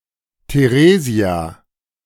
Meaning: a female given name, variant of Theresa, equivalent to English Teresa
- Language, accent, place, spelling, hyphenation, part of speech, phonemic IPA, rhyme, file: German, Germany, Berlin, Theresia, The‧re‧sia, proper noun, /teˈʁeː.zi̯a/, -eːzi̯a, De-Theresia.ogg